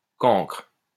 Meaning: 1. blockhead, dunce, dolt 2. crayfish 3. pauper
- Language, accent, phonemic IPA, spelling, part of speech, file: French, France, /kɑ̃kʁ/, cancre, noun, LL-Q150 (fra)-cancre.wav